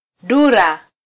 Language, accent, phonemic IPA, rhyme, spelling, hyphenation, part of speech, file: Swahili, Kenya, /ˈɗu.ɾɑ/, -uɾɑ, dura, du‧ra, noun, Sw-ke-dura.flac
- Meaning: parrot (kind of bird)